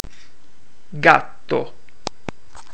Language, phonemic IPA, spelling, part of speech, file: Italian, /ˈɡatto/, gatto, noun, It-gatto.ogg